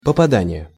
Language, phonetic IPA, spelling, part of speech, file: Russian, [pəpɐˈdanʲɪje], попадание, noun, Ru-попадание.ogg
- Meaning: hit